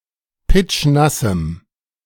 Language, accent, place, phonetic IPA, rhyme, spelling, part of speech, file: German, Germany, Berlin, [ˈpɪt͡ʃˈnasm̩], -asm̩, pitschnassem, adjective, De-pitschnassem.ogg
- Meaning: strong dative masculine/neuter singular of pitschnass